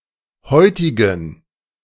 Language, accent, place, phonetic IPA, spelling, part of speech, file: German, Germany, Berlin, [ˈhɔɪ̯tɪɡn̩], heutigen, adjective, De-heutigen.ogg
- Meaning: inflection of heutig: 1. strong genitive masculine/neuter singular 2. weak/mixed genitive/dative all-gender singular 3. strong/weak/mixed accusative masculine singular 4. strong dative plural